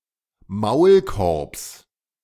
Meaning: genitive singular of Maulkorb
- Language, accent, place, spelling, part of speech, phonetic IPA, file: German, Germany, Berlin, Maulkorbs, noun, [ˈmaʊ̯lˌkɔʁps], De-Maulkorbs.ogg